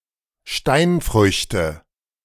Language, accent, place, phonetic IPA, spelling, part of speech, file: German, Germany, Berlin, [ˈʃtaɪ̯nˌfʁʏçtə], Steinfrüchte, noun, De-Steinfrüchte.ogg
- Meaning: nominative/accusative/genitive plural of Steinfrucht